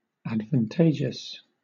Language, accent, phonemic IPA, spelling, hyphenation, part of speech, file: English, Southern England, /ˌædvənˈteɪd͡ʒ(i)əs/, advantageous, ad‧van‧ta‧geous, adjective, LL-Q1860 (eng)-advantageous.wav
- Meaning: Being of advantage, beneficial